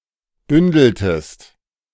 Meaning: inflection of bündeln: 1. second-person singular preterite 2. second-person singular subjunctive II
- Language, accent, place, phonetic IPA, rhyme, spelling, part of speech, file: German, Germany, Berlin, [ˈbʏndl̩təst], -ʏndl̩təst, bündeltest, verb, De-bündeltest.ogg